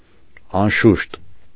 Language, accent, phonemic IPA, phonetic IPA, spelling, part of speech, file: Armenian, Eastern Armenian, /ɑnˈʃuʃt/, [ɑnʃúʃt], անշուշտ, adverb, Hy-անշուշտ.ogg
- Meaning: 1. undoubtedly, without doubt, certainly, surely 2. of course, naturally